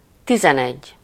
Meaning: eleven
- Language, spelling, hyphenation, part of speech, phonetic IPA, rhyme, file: Hungarian, tizenegy, ti‧zen‧egy, numeral, [ˈtizɛnɛɟː], -ɛɟː, Hu-tizenegy.ogg